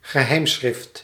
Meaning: 1. a cipher, a ciphertext (means of encrypting; encrypted text) 2. a secret script, secret writing
- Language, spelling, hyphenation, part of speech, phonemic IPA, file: Dutch, geheimschrift, ge‧heim‧schrift, noun, /ɣəˈɦɛi̯mˌsxrɪft/, Nl-geheimschrift.ogg